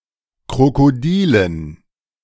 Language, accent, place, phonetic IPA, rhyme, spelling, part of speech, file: German, Germany, Berlin, [kʁokoˈdiːlən], -iːlən, Krokodilen, noun, De-Krokodilen.ogg
- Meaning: dative plural of Krokodil